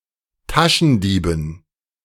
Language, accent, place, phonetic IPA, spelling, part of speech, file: German, Germany, Berlin, [ˈtaʃn̩ˌdiːbn̩], Taschendieben, noun, De-Taschendieben.ogg
- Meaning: dative plural of Taschendieb